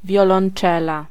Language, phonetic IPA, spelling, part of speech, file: Polish, [ˌvʲjɔlɔ̃n͇ˈt͡ʃɛla], wiolonczela, noun, Pl-wiolonczela.ogg